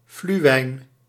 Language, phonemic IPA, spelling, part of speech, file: Dutch, /flyˈwɛin/, fluwijn, noun, Nl-fluwijn.ogg
- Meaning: synonym of steenmarter (“beech marten (Martes foina)”)